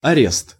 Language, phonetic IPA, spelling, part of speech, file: Russian, [ɐˈrʲest], арест, noun, Ru-арест.ogg
- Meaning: arrest